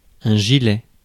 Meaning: 1. waistcoat, vest 2. sweater
- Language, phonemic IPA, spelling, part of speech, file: French, /ʒi.lɛ/, gilet, noun, Fr-gilet.ogg